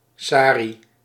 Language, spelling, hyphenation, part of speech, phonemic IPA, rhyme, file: Dutch, sari, sa‧ri, noun, /ˈsaː.ri/, -aːri, Nl-sari.ogg
- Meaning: sari (women's garment from the Indian subcontinent)